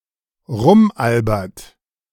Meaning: inflection of rumalbern: 1. second-person plural present 2. third-person singular present 3. plural imperative
- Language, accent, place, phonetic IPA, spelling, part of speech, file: German, Germany, Berlin, [ˈʁʊmˌʔalbɐt], rumalbert, verb, De-rumalbert.ogg